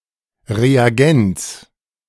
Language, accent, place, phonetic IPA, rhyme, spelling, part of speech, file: German, Germany, Berlin, [ʁeaˈɡɛnt͡s], -ɛnt͡s, Reagenz, noun, De-Reagenz.ogg
- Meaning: reagent